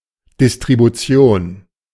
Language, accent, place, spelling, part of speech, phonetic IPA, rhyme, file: German, Germany, Berlin, Distribution, noun, [dɪstʁibuˈt͡si̯oːn], -oːn, De-Distribution.ogg
- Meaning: distribution